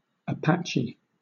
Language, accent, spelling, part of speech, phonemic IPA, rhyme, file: English, Southern England, Apache, proper noun / noun, /əˈpæ.t͡ʃi/, -ætʃi, LL-Q1860 (eng)-Apache.wav